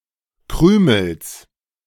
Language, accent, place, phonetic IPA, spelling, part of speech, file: German, Germany, Berlin, [ˈkʁyːml̩s], Krümels, noun, De-Krümels.ogg
- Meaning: genitive singular of Krümel